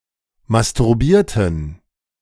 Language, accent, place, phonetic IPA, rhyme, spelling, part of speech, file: German, Germany, Berlin, [mastʊʁˈbiːɐ̯tn̩], -iːɐ̯tn̩, masturbierten, verb, De-masturbierten.ogg
- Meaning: inflection of masturbieren: 1. first/third-person plural preterite 2. first/third-person plural subjunctive II